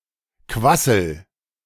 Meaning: inflection of quasseln: 1. first-person singular present 2. singular imperative
- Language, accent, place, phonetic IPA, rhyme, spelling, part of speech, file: German, Germany, Berlin, [ˈkvasl̩], -asl̩, quassel, verb, De-quassel.ogg